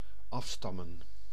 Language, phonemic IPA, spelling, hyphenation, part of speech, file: Dutch, /ˈɑfstɑmə(n)/, afstammen, af‧stam‧men, verb, Nl-afstammen.ogg
- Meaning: to descend, originate (from)